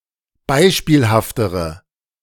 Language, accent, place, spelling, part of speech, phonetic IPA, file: German, Germany, Berlin, beispielhaftere, adjective, [ˈbaɪ̯ʃpiːlhaftəʁə], De-beispielhaftere.ogg
- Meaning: inflection of beispielhaft: 1. strong/mixed nominative/accusative feminine singular comparative degree 2. strong nominative/accusative plural comparative degree